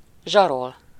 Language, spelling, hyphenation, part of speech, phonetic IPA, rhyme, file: Hungarian, zsarol, zsa‧rol, verb, [ˈʒɒrol], -ol, Hu-zsarol.ogg
- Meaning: to blackmail